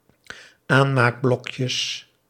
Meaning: plural of aanmaakblokje
- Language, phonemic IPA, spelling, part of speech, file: Dutch, /ˈanmakˌblɔkjəs/, aanmaakblokjes, noun, Nl-aanmaakblokjes.ogg